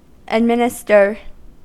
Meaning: To apportion out, distribute
- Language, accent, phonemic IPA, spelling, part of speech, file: English, US, /ədˈmɪn.ɪ.stɚ/, administer, verb, En-us-administer.ogg